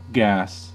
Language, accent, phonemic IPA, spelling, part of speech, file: English, General American, /ɡæs/, gas, noun / verb / adjective, En-us-gas.ogg